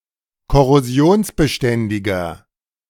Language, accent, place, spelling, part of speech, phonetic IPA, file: German, Germany, Berlin, korrosionsbeständiger, adjective, [kɔʁoˈzi̯oːnsbəˌʃtɛndɪɡɐ], De-korrosionsbeständiger.ogg
- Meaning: 1. comparative degree of korrosionsbeständig 2. inflection of korrosionsbeständig: strong/mixed nominative masculine singular